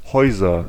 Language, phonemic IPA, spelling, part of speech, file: German, /ˈhɔʏ̯zɐ/, Häuser, noun, De-Häuser.ogg
- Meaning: nominative/accusative/genitive plural of Haus